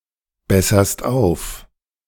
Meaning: second-person singular present of aufbessern
- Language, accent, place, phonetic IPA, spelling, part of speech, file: German, Germany, Berlin, [ˌbɛsɐst ˈaʊ̯f], besserst auf, verb, De-besserst auf.ogg